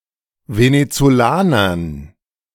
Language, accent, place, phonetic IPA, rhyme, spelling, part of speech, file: German, Germany, Berlin, [venet͡soˈlaːnɐn], -aːnɐn, Venezolanern, noun, De-Venezolanern.ogg
- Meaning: dative plural of Venezolaner